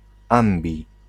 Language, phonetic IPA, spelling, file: Polish, [ˈãmbʲi], ambi-, Pl-ambi-.ogg